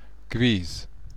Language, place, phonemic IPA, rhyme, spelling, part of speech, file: German, Bavaria, /ɡəˈvɪs/, -ɪs, gewiss, adjective / adverb, BY-gewiss.ogg
- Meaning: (adjective) certain; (adverb) certainly, indeed